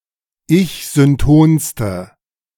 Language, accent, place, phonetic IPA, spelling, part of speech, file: German, Germany, Berlin, [ˈɪçzʏnˌtoːnstə], ich-syntonste, adjective, De-ich-syntonste.ogg
- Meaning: inflection of ich-synton: 1. strong/mixed nominative/accusative feminine singular superlative degree 2. strong nominative/accusative plural superlative degree